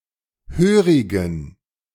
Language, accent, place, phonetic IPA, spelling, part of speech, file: German, Germany, Berlin, [ˈhøːʁɪɡn̩], hörigen, adjective, De-hörigen.ogg
- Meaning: inflection of hörig: 1. strong genitive masculine/neuter singular 2. weak/mixed genitive/dative all-gender singular 3. strong/weak/mixed accusative masculine singular 4. strong dative plural